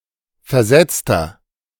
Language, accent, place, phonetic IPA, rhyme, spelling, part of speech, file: German, Germany, Berlin, [fɛɐ̯ˈzɛt͡stɐ], -ɛt͡stɐ, versetzter, adjective, De-versetzter.ogg
- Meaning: inflection of versetzt: 1. strong/mixed nominative masculine singular 2. strong genitive/dative feminine singular 3. strong genitive plural